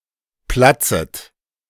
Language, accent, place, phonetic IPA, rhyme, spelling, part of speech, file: German, Germany, Berlin, [ˈplat͡sət], -at͡sət, platzet, verb, De-platzet.ogg
- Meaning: second-person plural subjunctive I of platzen